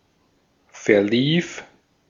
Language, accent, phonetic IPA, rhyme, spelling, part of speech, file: German, Austria, [fɛɐ̯ˈliːf], -iːf, verlief, verb, De-at-verlief.ogg
- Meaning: first/third-person singular preterite of verlaufen